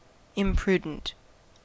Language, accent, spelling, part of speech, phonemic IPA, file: English, US, imprudent, adjective, /ɪmˈpɹudənt/, En-us-imprudent.ogg
- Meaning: Not prudent; lacking prudence or discretion; indiscreet; injudicious; not paying attention to the consequences of one's actions